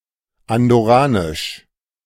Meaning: Andorran (of or pertaining to Andorra)
- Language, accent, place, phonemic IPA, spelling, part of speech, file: German, Germany, Berlin, /andɔˈʁaːnɪʃ/, andorranisch, adjective, De-andorranisch.ogg